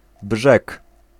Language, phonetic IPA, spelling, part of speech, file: Polish, [bʒɛk], brzeg, noun, Pl-brzeg.ogg